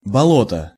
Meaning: bog, swamp, marsh, quagmire, mire
- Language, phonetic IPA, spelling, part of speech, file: Russian, [bɐˈɫotə], болото, noun, Ru-болото.ogg